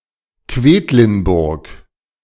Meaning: Quedlinburg (a town located north of the Harz mountains, in Harz district in the west of Saxony-Anhalt, Germany; a UNESCO World Heritage Site)
- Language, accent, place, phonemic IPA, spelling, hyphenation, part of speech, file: German, Germany, Berlin, /ˈkveːtlɪnbʊʁk/, Quedlinburg, Qued‧lin‧burg, proper noun, De-Quedlinburg.ogg